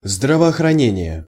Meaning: public health (service), health protection, health care
- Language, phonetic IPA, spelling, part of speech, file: Russian, [ˌzdravɐɐxrɐˈnʲenʲɪje], здравоохранение, noun, Ru-здравоохранение.ogg